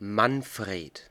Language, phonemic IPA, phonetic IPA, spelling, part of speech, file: German, /ˈma(ː)nˌfʁeːd/, [ˈma(ː)nˌfʁ̥eːt], Manfred, proper noun, De-Manfred.ogg
- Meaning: a male given name from Old High German, popular in the 20th century